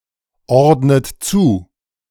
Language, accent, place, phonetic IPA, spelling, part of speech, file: German, Germany, Berlin, [ˌɔʁdnət ˈt͡suː], ordnet zu, verb, De-ordnet zu.ogg
- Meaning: inflection of zuordnen: 1. third-person singular present 2. second-person plural present 3. second-person plural subjunctive I 4. plural imperative